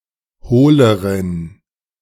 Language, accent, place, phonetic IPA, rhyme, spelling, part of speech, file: German, Germany, Berlin, [ˈhoːləʁən], -oːləʁən, hohleren, adjective, De-hohleren.ogg
- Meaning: inflection of hohl: 1. strong genitive masculine/neuter singular comparative degree 2. weak/mixed genitive/dative all-gender singular comparative degree